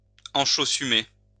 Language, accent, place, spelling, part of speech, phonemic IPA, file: French, France, Lyon, enchaussumer, verb, /ɑ̃.ʃo.sy.me/, LL-Q150 (fra)-enchaussumer.wav
- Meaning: synonym of enchaussener